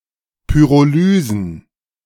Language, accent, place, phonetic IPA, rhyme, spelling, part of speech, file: German, Germany, Berlin, [ˌpyʁoˈlyːzn̩], -yːzn̩, Pyrolysen, noun, De-Pyrolysen.ogg
- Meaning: plural of Pyrolyse